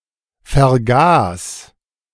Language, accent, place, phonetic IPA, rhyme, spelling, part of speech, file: German, Germany, Berlin, [fɛɐ̯ˈɡaːs], -aːs, vergas, verb, De-vergas.ogg
- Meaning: 1. singular imperative of vergasen 2. first-person singular present of vergasen